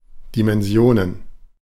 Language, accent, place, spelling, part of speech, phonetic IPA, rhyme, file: German, Germany, Berlin, Dimensionen, noun, [ˌdimɛnˈzi̯oːnən], -oːnən, De-Dimensionen.ogg
- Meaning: plural of Dimension